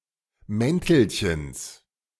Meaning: genitive singular of Mäntelchen
- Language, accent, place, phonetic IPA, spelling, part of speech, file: German, Germany, Berlin, [ˈmɛntl̩çəns], Mäntelchens, noun, De-Mäntelchens.ogg